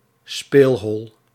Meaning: 1. illegal casino, gambling den 2. a secluded area where children can play
- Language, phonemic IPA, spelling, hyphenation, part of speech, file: Dutch, /ˈspeːl.ɦɔl/, speelhol, speel‧hol, noun, Nl-speelhol.ogg